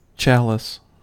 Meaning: 1. A large drinking cup, often having a stem and base and used especially for formal occasions and religious ceremonies 2. A kind of water-cooled pipe for smoking cannabis
- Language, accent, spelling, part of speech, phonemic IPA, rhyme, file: English, US, chalice, noun, /ˈt͡ʃæl.ɪs/, -ælɪs, En-us-chalice.ogg